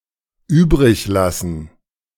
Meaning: to leave (to remain)
- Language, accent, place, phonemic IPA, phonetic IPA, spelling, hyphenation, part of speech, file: German, Germany, Berlin, /ˈyːbʁɪçˌlasən/, [ˈyːbʁɪkˌlasn̩], übriglassen, üb‧rig‧las‧sen, verb, De-übriglassen.ogg